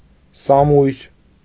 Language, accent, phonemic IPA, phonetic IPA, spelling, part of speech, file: Armenian, Eastern Armenian, /sɑˈmujɾ/, [sɑmújɾ], սամույր, noun, Hy-սամույր.ogg
- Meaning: 1. sable (animal) 2. sable (fur)